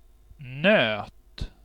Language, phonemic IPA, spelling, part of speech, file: Swedish, /nøːt/, nöt, noun / verb, Sv-nöt.ogg
- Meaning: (noun) 1. nut, a hard-shelled seed 2. a difficult problem (hard to crack, like a nut) 3. cattle, especially in compounds such as nötkreatur (“cattlebeast”, cf. English neatbeast), or nötkött (“beef”)